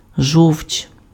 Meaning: bile, gall
- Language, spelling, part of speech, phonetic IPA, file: Ukrainian, жовч, noun, [ʒɔu̯t͡ʃ], Uk-жовч.ogg